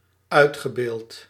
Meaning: past participle of uitbeelden
- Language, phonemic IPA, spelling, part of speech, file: Dutch, /ˈœy̯txəˌbeːlt/, uitgebeeld, verb, Nl-uitgebeeld.ogg